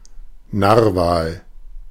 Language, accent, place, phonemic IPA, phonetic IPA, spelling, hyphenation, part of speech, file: German, Germany, Berlin, /ˈnarva(ː)l/, [ˈnaɐ̯va(ː)l], Narwal, Nar‧wal, noun, De-Narwal.ogg
- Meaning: narwhal (Arctic cetacean)